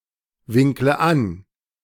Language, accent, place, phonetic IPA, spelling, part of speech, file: German, Germany, Berlin, [ˌvɪŋklə ˈan], winkle an, verb, De-winkle an.ogg
- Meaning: inflection of anwinkeln: 1. first-person singular present 2. first/third-person singular subjunctive I 3. singular imperative